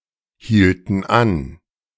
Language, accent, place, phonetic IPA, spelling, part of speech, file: German, Germany, Berlin, [ˌhiːltn̩ ˈan], hielten an, verb, De-hielten an.ogg
- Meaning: inflection of anhalten: 1. first/third-person plural preterite 2. first/third-person plural subjunctive II